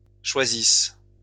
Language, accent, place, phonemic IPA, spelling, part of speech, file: French, France, Lyon, /ʃwa.zis/, choisisses, verb, LL-Q150 (fra)-choisisses.wav
- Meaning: second-person singular present/imperfect subjunctive of choisir